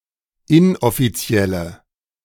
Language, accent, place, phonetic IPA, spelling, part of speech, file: German, Germany, Berlin, [ˈɪnʔɔfiˌt͡si̯ɛlə], inoffizielle, adjective, De-inoffizielle.ogg
- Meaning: inflection of inoffiziell: 1. strong/mixed nominative/accusative feminine singular 2. strong nominative/accusative plural 3. weak nominative all-gender singular